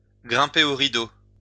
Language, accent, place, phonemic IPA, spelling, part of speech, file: French, France, Lyon, /ɡʁɛ̃.pe o ʁi.do/, grimper au rideau, verb, LL-Q150 (fra)-grimper au rideau.wav
- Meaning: to get one's kicks, to get one's rocks off, to reach seventh heaven (to get a lot of sexual pleasure)